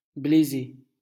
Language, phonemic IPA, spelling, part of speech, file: French, /ble.ze/, bléser, verb, LL-Q150 (fra)-bléser.wav
- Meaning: to lisp